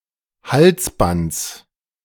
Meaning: genitive singular of Halsband
- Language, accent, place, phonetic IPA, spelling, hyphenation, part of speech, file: German, Germany, Berlin, [ˈhalsˌbants], Halsbands, Hals‧bands, noun, De-Halsbands.ogg